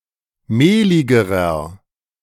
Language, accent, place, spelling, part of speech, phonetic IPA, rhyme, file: German, Germany, Berlin, mehligerer, adjective, [ˈmeːlɪɡəʁɐ], -eːlɪɡəʁɐ, De-mehligerer.ogg
- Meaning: inflection of mehlig: 1. strong/mixed nominative masculine singular comparative degree 2. strong genitive/dative feminine singular comparative degree 3. strong genitive plural comparative degree